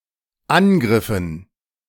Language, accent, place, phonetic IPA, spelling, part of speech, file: German, Germany, Berlin, [ˈanˌɡʁɪfn̩], angriffen, verb, De-angriffen.ogg
- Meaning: inflection of angreifen: 1. first/third-person plural dependent preterite 2. first/third-person plural dependent subjunctive II